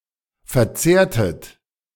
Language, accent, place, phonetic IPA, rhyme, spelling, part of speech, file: German, Germany, Berlin, [fɛɐ̯ˈt͡seːɐ̯tət], -eːɐ̯tət, verzehrtet, verb, De-verzehrtet.ogg
- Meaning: inflection of verzehren: 1. second-person plural preterite 2. second-person plural subjunctive II